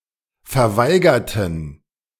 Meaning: inflection of verweigern: 1. first/third-person plural preterite 2. first/third-person plural subjunctive II
- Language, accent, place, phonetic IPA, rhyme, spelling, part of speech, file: German, Germany, Berlin, [fɛɐ̯ˈvaɪ̯ɡɐtn̩], -aɪ̯ɡɐtn̩, verweigerten, adjective / verb, De-verweigerten.ogg